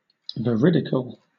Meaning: 1. True 2. Pertaining to an experience, perception, or interpretation that accurately represents reality
- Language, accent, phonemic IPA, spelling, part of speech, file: English, Southern England, /vəˈɹɪdɪkəl/, veridical, adjective, LL-Q1860 (eng)-veridical.wav